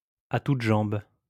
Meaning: as fast as one's legs could carry one, at full speed, as quick as one can
- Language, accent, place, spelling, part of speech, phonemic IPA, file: French, France, Lyon, à toutes jambes, adverb, /a tut ʒɑ̃b/, LL-Q150 (fra)-à toutes jambes.wav